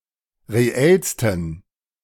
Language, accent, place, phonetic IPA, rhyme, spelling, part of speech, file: German, Germany, Berlin, [ʁeˈɛlstn̩], -ɛlstn̩, reellsten, adjective, De-reellsten.ogg
- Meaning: 1. superlative degree of reell 2. inflection of reell: strong genitive masculine/neuter singular superlative degree